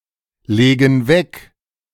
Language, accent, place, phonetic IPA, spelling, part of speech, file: German, Germany, Berlin, [ˌleːɡn̩ ˈvɛk], legen weg, verb, De-legen weg.ogg
- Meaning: inflection of weglegen: 1. first/third-person plural present 2. first/third-person plural subjunctive I